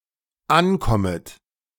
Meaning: second-person plural dependent subjunctive I of ankommen
- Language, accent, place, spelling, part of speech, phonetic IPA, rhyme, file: German, Germany, Berlin, ankommet, verb, [ˈanˌkɔmət], -ankɔmət, De-ankommet.ogg